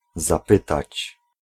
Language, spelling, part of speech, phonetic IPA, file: Polish, zapytać, verb, [zaˈpɨtat͡ɕ], Pl-zapytać.ogg